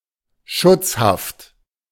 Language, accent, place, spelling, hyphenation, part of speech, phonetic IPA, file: German, Germany, Berlin, Schutzhaft, Schutz‧haft, noun, [ˈʃʊt͡sˌhaft], De-Schutzhaft.ogg
- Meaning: 1. protective custody 2. arbitrary incarceration of those considered enemies of the regime (e.g. communists)